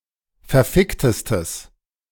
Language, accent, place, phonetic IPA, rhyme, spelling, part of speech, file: German, Germany, Berlin, [fɛɐ̯ˈfɪktəstəs], -ɪktəstəs, verficktestes, adjective, De-verficktestes.ogg
- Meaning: strong/mixed nominative/accusative neuter singular superlative degree of verfickt